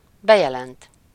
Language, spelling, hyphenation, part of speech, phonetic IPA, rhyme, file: Hungarian, bejelent, be‧je‧lent, verb, [ˈbɛjɛlɛnt], -ɛnt, Hu-bejelent.ogg
- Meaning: to announce